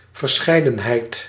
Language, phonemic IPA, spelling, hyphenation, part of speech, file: Dutch, /vərˈsxɛi̯.də(n)ˌɦɛi̯t/, verscheidenheid, ver‧schei‧den‧heid, noun, Nl-verscheidenheid.ogg
- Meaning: 1. variety, assortment 2. variation, diversity